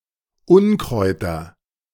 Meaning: nominative/accusative/genitive plural of Unkraut
- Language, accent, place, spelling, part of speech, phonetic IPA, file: German, Germany, Berlin, Unkräuter, noun, [ˈʊnkʁɔɪ̯tɐ], De-Unkräuter.ogg